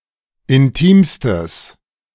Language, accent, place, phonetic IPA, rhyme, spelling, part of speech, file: German, Germany, Berlin, [ɪnˈtiːmstəs], -iːmstəs, intimstes, adjective, De-intimstes.ogg
- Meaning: strong/mixed nominative/accusative neuter singular superlative degree of intim